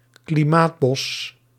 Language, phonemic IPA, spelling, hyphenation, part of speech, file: Dutch, /kliˈmaːtˌbɔs/, klimaatbos, kli‧maat‧bos, noun, Nl-klimaatbos.ogg
- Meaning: forest planted for the sequestration of carbon dioxide, in order to prevent or mitigate climate change